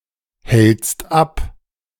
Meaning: second-person singular present of abhalten
- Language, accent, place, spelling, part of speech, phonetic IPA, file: German, Germany, Berlin, hältst ab, verb, [ˌhɛlt͡st ˈap], De-hältst ab.ogg